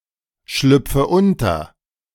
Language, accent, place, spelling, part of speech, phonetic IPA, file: German, Germany, Berlin, schlüpfe unter, verb, [ˌʃlʏp͡fə ˈʊntɐ], De-schlüpfe unter.ogg
- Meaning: inflection of unterschlüpfen: 1. first-person singular present 2. first/third-person singular subjunctive I 3. singular imperative